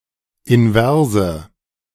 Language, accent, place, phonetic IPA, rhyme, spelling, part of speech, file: German, Germany, Berlin, [ɪnˈvɛʁzə], -ɛʁzə, inverse, adjective, De-inverse.ogg
- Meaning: inflection of invers: 1. strong/mixed nominative/accusative feminine singular 2. strong nominative/accusative plural 3. weak nominative all-gender singular 4. weak accusative feminine/neuter singular